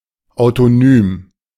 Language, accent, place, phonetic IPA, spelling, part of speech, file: German, Germany, Berlin, [aʊ̯toˈnyːm], autonym, adjective, De-autonym.ogg
- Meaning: autonymous